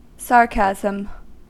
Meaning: 1. Use of acerbic language to mock or convey contempt, often using verbal irony and (in speech) often marked by overemphasis and sneering 2. An individual act of the above
- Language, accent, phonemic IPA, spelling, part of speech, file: English, US, /ˈsɑːɹˌkæzəm/, sarcasm, noun, En-us-sarcasm.ogg